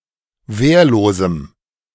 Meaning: strong dative masculine/neuter singular of wehrlos
- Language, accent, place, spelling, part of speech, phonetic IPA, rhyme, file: German, Germany, Berlin, wehrlosem, adjective, [ˈveːɐ̯loːzm̩], -eːɐ̯loːzm̩, De-wehrlosem.ogg